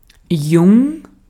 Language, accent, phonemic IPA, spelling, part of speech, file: German, Austria, /jʊŋ(k)/, jung, adjective, De-at-jung.ogg
- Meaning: young